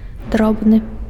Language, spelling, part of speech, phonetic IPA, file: Belarusian, дробны, adjective, [ˈdrobnɨ], Be-дробны.ogg
- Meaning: 1. small, little 2. fine, fine-grained